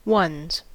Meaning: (determiner) Belonging to one; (contraction) Contraction of one + is
- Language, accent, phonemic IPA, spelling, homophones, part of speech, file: English, US, /wʌnz/, one's, ones / once, determiner / contraction, En-us-one's.ogg